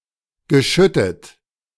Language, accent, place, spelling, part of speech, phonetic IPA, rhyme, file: German, Germany, Berlin, geschüttet, verb, [ɡəˈʃʏtət], -ʏtət, De-geschüttet.ogg
- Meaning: past participle of schütten